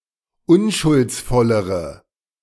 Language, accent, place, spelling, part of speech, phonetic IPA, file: German, Germany, Berlin, unschuldsvollere, adjective, [ˈʊnʃʊlt͡sˌfɔləʁə], De-unschuldsvollere.ogg
- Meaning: inflection of unschuldsvoll: 1. strong/mixed nominative/accusative feminine singular comparative degree 2. strong nominative/accusative plural comparative degree